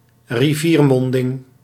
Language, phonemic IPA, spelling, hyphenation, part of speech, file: Dutch, /riˈviːrˌmɔn.dɪŋ/, riviermonding, ri‧vier‧mon‧ding, noun, Nl-riviermonding.ogg
- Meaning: river mouth